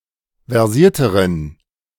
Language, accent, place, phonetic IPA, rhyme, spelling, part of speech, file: German, Germany, Berlin, [vɛʁˈziːɐ̯təʁən], -iːɐ̯təʁən, versierteren, adjective, De-versierteren.ogg
- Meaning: inflection of versiert: 1. strong genitive masculine/neuter singular comparative degree 2. weak/mixed genitive/dative all-gender singular comparative degree